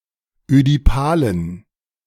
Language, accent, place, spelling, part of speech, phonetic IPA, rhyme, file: German, Germany, Berlin, ödipalen, adjective, [ødiˈpaːlən], -aːlən, De-ödipalen.ogg
- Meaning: inflection of ödipal: 1. strong genitive masculine/neuter singular 2. weak/mixed genitive/dative all-gender singular 3. strong/weak/mixed accusative masculine singular 4. strong dative plural